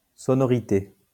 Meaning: sonority, tone
- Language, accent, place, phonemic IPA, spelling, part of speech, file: French, France, Lyon, /sɔ.nɔ.ʁi.te/, sonorité, noun, LL-Q150 (fra)-sonorité.wav